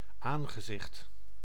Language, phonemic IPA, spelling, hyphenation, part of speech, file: Dutch, /ˈaːn.ɣəˌzɪxt/, aangezicht, aan‧ge‧zicht, noun, Nl-aangezicht.ogg
- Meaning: face (part of head), countenance